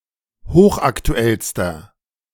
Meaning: inflection of hochaktuell: 1. strong/mixed nominative masculine singular superlative degree 2. strong genitive/dative feminine singular superlative degree 3. strong genitive plural superlative degree
- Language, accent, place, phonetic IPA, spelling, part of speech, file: German, Germany, Berlin, [ˈhoːxʔaktuˌɛlstɐ], hochaktuellster, adjective, De-hochaktuellster.ogg